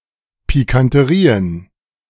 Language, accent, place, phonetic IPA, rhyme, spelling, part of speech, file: German, Germany, Berlin, [pikantəˈʁiːən], -iːən, Pikanterien, noun, De-Pikanterien.ogg
- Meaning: plural of Pikanterie